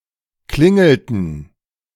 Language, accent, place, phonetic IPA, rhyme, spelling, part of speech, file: German, Germany, Berlin, [ˈklɪŋl̩tn̩], -ɪŋl̩tn̩, klingelten, verb, De-klingelten.ogg
- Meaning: inflection of klingeln: 1. first/third-person plural preterite 2. first/third-person plural subjunctive II